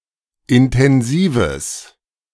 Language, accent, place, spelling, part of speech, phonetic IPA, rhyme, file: German, Germany, Berlin, intensives, adjective, [ɪntɛnˈziːvəs], -iːvəs, De-intensives.ogg
- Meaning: strong/mixed nominative/accusative neuter singular of intensiv